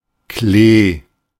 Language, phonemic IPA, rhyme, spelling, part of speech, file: German, /kleː/, -eː, Klee, noun, De-Klee.oga
- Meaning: clover